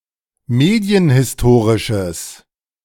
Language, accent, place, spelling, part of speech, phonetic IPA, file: German, Germany, Berlin, medienhistorisches, adjective, [ˈmeːdi̯ənhɪsˌtoːʁɪʃəs], De-medienhistorisches.ogg
- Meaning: strong/mixed nominative/accusative neuter singular of medienhistorisch